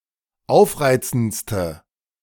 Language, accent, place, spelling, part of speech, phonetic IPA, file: German, Germany, Berlin, aufreizendste, adjective, [ˈaʊ̯fˌʁaɪ̯t͡sn̩t͡stə], De-aufreizendste.ogg
- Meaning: inflection of aufreizend: 1. strong/mixed nominative/accusative feminine singular superlative degree 2. strong nominative/accusative plural superlative degree